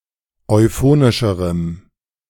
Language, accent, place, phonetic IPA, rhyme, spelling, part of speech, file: German, Germany, Berlin, [ɔɪ̯ˈfoːnɪʃəʁəm], -oːnɪʃəʁəm, euphonischerem, adjective, De-euphonischerem.ogg
- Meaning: strong dative masculine/neuter singular comparative degree of euphonisch